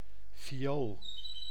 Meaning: vial
- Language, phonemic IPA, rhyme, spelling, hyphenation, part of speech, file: Dutch, /fiˈoːl/, -oːl, fiool, fi‧ool, noun, Nl-fiool.ogg